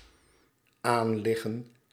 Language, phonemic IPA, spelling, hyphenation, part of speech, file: Dutch, /ˈaːnˌlɪɣə(n)/, aanliggen, aan‧lig‧gen, verb, Nl-aanliggen.ogg
- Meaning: 1. to lie or stand against something else 2. to be on course